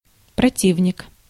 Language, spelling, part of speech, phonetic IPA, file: Russian, противник, noun, [prɐˈtʲivnʲɪk], Ru-противник.ogg
- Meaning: 1. enemy, adversary 2. opponent, antagonist